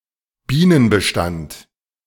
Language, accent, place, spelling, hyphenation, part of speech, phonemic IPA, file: German, Germany, Berlin, Bienenbestand, Bienen‧be‧stand, noun, /ˈbiːnənbəˌʃtant/, De-Bienenbestand.ogg
- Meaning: bee population